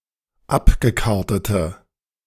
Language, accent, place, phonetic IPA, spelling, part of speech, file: German, Germany, Berlin, [ˈapɡəˌkaʁtətə], abgekartete, adjective, De-abgekartete.ogg
- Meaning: inflection of abgekartet: 1. strong/mixed nominative/accusative feminine singular 2. strong nominative/accusative plural 3. weak nominative all-gender singular